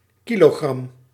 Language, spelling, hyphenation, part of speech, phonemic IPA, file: Dutch, kilogram, ki‧lo‧gram, noun, /ˈkiloˌɣrɑm/, Nl-kilogram.ogg
- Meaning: kilogram